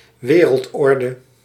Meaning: a world order
- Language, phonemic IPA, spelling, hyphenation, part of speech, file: Dutch, /ˈʋeː.rəltˌɔr.də/, wereldorde, we‧reld‧or‧de, noun, Nl-wereldorde.ogg